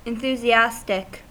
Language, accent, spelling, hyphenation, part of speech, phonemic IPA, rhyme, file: English, General American, enthusiastic, en‧thu‧si‧as‧tic, adjective, /ɪnˌθuːziˈæstɪk/, -æstɪk, En-us-enthusiastic.ogg
- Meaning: 1. With zealous fervor; excited, motivated 2. Relating to enthusiasm, or divine possession